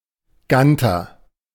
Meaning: gander (male goose)
- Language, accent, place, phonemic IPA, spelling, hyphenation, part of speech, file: German, Germany, Berlin, /ˈɡantɐ/, Ganter, Gan‧ter, noun, De-Ganter.ogg